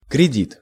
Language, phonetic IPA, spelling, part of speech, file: Russian, [krʲɪˈdʲit], кредит, noun, Ru-кредит.ogg
- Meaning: 1. loan 2. credit (in the wider sense, not specifically in reference to credits and debits) 3. credit, credibility